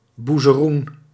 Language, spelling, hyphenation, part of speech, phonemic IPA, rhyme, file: Dutch, boezeroen, boe‧ze‧roen, noun, /ˌbu.zəˈrun/, -un, Nl-boezeroen.ogg
- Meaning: a smock frock, a workman's undershirt